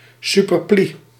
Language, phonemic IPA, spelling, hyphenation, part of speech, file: Dutch, /ˌsʏpərˈpli/, superplie, su‧per‧plie, noun, Nl-superplie.ogg
- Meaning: surplice